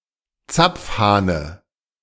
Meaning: dative of Zapfhahn
- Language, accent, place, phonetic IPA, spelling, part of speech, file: German, Germany, Berlin, [ˈt͡sap͡fˌhaːnə], Zapfhahne, noun, De-Zapfhahne.ogg